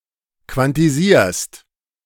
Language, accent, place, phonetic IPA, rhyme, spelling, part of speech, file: German, Germany, Berlin, [kvantiˈziːɐ̯st], -iːɐ̯st, quantisierst, verb, De-quantisierst.ogg
- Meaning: second-person singular present of quantisieren